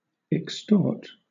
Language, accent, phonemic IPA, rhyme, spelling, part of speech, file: English, Southern England, /ɪkˈstɔː(ɹ)t/, -ɔː(ɹ)t, extort, verb / adjective, LL-Q1860 (eng)-extort.wav
- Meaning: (verb) 1. To take or seize from an unwilling person by physical force, menace, duress, torture, or any undue or illegal exercise of power or ingenuity 2. To obtain by means of the offense of extortion